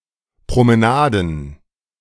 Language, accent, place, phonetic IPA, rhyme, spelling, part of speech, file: German, Germany, Berlin, [pʁoməˈnaːdn̩], -aːdn̩, Promenaden, noun, De-Promenaden.ogg
- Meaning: plural of Promenade